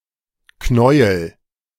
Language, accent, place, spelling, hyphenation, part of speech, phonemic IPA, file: German, Germany, Berlin, Knäuel, Knäu‧el, noun, /ˈknɔʏ̯əl/, De-Knäuel.ogg
- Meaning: 1. ball of yarn 2. tangle; mass of something entangled 3. knawel (plant)